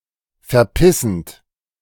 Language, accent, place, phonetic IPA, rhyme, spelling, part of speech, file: German, Germany, Berlin, [fɛɐ̯ˈpɪsn̩t], -ɪsn̩t, verpissend, verb, De-verpissend.ogg
- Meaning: present participle of verpissen